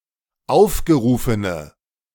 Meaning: inflection of aufgerufen: 1. strong/mixed nominative/accusative feminine singular 2. strong nominative/accusative plural 3. weak nominative all-gender singular
- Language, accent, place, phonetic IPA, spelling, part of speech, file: German, Germany, Berlin, [ˈaʊ̯fɡəˌʁuːfənə], aufgerufene, adjective, De-aufgerufene.ogg